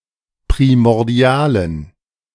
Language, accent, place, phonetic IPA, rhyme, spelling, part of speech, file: German, Germany, Berlin, [pʁimɔʁˈdi̯aːlən], -aːlən, primordialen, adjective, De-primordialen.ogg
- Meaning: inflection of primordial: 1. strong genitive masculine/neuter singular 2. weak/mixed genitive/dative all-gender singular 3. strong/weak/mixed accusative masculine singular 4. strong dative plural